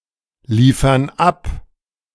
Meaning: inflection of abliefern: 1. first/third-person plural present 2. first/third-person plural subjunctive I
- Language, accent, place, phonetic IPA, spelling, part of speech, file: German, Germany, Berlin, [ˌliːfɐn ˈap], liefern ab, verb, De-liefern ab.ogg